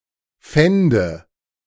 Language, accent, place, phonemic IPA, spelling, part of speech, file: German, Germany, Berlin, /ˈfɛndə/, fände, verb, De-fände.ogg
- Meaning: first/third-person singular subjunctive II of finden